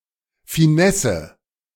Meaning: 1. finesse 2. tricks 3. extras, refinements
- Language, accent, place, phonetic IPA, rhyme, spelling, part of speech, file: German, Germany, Berlin, [fiˈnɛsə], -ɛsə, Finesse, noun, De-Finesse.ogg